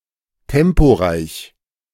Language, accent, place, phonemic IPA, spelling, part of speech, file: German, Germany, Berlin, /ˈtɛmpoˌʁaɪ̯ç/, temporeich, adjective, De-temporeich.ogg
- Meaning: fast-paced